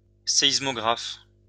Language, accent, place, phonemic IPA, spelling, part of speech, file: French, France, Lyon, /se.is.mɔ.ɡʁaf/, séismographe, noun, LL-Q150 (fra)-séismographe.wav
- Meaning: alternative spelling of sismographe